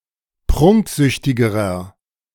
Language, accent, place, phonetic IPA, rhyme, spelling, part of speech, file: German, Germany, Berlin, [ˈpʁʊŋkˌzʏçtɪɡəʁɐ], -ʊŋkzʏçtɪɡəʁɐ, prunksüchtigerer, adjective, De-prunksüchtigerer.ogg
- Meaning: inflection of prunksüchtig: 1. strong/mixed nominative masculine singular comparative degree 2. strong genitive/dative feminine singular comparative degree 3. strong genitive plural comparative degree